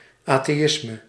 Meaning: atheism
- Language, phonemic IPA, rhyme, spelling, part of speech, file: Dutch, /ˌaː.teːˈɪs.mə/, -ɪsmə, atheïsme, noun, Nl-atheïsme.ogg